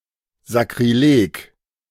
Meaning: sacrilege
- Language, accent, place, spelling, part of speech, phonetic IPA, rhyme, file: German, Germany, Berlin, Sakrileg, noun, [zakʁiˈleːk], -eːk, De-Sakrileg.ogg